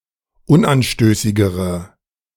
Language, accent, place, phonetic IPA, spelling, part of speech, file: German, Germany, Berlin, [ˈʊnʔanˌʃtøːsɪɡəʁə], unanstößigere, adjective, De-unanstößigere.ogg
- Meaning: inflection of unanstößig: 1. strong/mixed nominative/accusative feminine singular comparative degree 2. strong nominative/accusative plural comparative degree